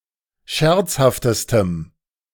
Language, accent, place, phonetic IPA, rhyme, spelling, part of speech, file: German, Germany, Berlin, [ˈʃɛʁt͡shaftəstəm], -ɛʁt͡shaftəstəm, scherzhaftestem, adjective, De-scherzhaftestem.ogg
- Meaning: strong dative masculine/neuter singular superlative degree of scherzhaft